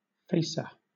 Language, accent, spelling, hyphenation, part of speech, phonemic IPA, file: English, Southern England, facer, fac‧er, noun, /ˈfeɪ̯.sə/, LL-Q1860 (eng)-facer.wav
- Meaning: 1. A blow in the face, as in boxing 2. An unexpected and stunning blow or defeat 3. A serving of alcoholic drink; a dram 4. One who faces; one who puts on a false show; a bold-faced person